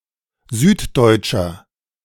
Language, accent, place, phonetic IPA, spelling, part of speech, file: German, Germany, Berlin, [ˈzyːtˌdɔɪ̯t͡ʃɐ], süddeutscher, adjective, De-süddeutscher.ogg
- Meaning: inflection of süddeutsch: 1. strong/mixed nominative masculine singular 2. strong genitive/dative feminine singular 3. strong genitive plural